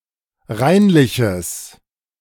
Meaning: strong/mixed nominative/accusative neuter singular of reinlich
- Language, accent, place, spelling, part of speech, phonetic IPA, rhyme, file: German, Germany, Berlin, reinliches, adjective, [ˈʁaɪ̯nlɪçəs], -aɪ̯nlɪçəs, De-reinliches.ogg